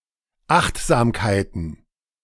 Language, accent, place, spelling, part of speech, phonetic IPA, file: German, Germany, Berlin, Achtsamkeiten, noun, [ˈaxtzaːmkaɪ̯tn̩], De-Achtsamkeiten.ogg
- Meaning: plural of Achtsamkeit